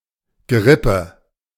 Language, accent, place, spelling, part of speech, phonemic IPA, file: German, Germany, Berlin, Gerippe, noun, /ɡəˈʁɪpə/, De-Gerippe.ogg
- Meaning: 1. skeleton (system of bones) 2. framework 3. airframe